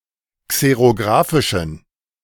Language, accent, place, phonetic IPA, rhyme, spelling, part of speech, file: German, Germany, Berlin, [ˌkseʁoˈɡʁaːfɪʃn̩], -aːfɪʃn̩, xerographischen, adjective, De-xerographischen.ogg
- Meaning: inflection of xerographisch: 1. strong genitive masculine/neuter singular 2. weak/mixed genitive/dative all-gender singular 3. strong/weak/mixed accusative masculine singular 4. strong dative plural